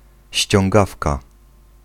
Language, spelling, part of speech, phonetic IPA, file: Polish, ściągawka, noun, [ɕt͡ɕɔ̃ŋˈɡafka], Pl-ściągawka.ogg